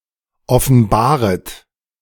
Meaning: second-person plural subjunctive I of offenbaren
- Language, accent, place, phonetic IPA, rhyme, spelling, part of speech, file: German, Germany, Berlin, [ɔfn̩ˈbaːʁət], -aːʁət, offenbaret, verb, De-offenbaret.ogg